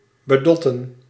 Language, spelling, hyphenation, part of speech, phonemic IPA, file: Dutch, bedotten, be‧dot‧ten, verb, /bəˈdɔtə(n)/, Nl-bedotten.ogg
- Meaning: 1. to mislead, to trick 2. to cheat, to scam